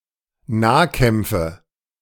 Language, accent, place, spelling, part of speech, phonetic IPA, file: German, Germany, Berlin, Nahkämpfe, noun, [ˈnaːˌkɛmp͡fə], De-Nahkämpfe.ogg
- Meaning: nominative/accusative/genitive plural of Nahkampf